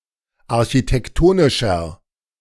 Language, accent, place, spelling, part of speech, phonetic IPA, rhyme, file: German, Germany, Berlin, architektonischer, adjective, [aʁçitɛkˈtoːnɪʃɐ], -oːnɪʃɐ, De-architektonischer.ogg
- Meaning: inflection of architektonisch: 1. strong/mixed nominative masculine singular 2. strong genitive/dative feminine singular 3. strong genitive plural